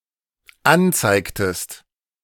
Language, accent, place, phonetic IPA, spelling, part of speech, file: German, Germany, Berlin, [ˈanˌt͡saɪ̯ktəst], anzeigtest, verb, De-anzeigtest.ogg
- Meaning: inflection of anzeigen: 1. second-person singular dependent preterite 2. second-person singular dependent subjunctive II